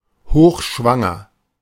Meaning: very pregnant; in the late stages of pregnancy
- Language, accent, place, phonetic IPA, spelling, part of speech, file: German, Germany, Berlin, [ˈhoːxˌʃvaŋɐ], hochschwanger, adjective, De-hochschwanger.ogg